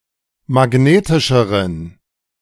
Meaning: inflection of magnetisch: 1. strong genitive masculine/neuter singular comparative degree 2. weak/mixed genitive/dative all-gender singular comparative degree
- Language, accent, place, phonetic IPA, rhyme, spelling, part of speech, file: German, Germany, Berlin, [maˈɡneːtɪʃəʁən], -eːtɪʃəʁən, magnetischeren, adjective, De-magnetischeren.ogg